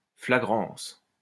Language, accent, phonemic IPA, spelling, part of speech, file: French, France, /fla.ɡʁɑ̃s/, flagrance, noun, LL-Q150 (fra)-flagrance.wav
- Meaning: flagrancy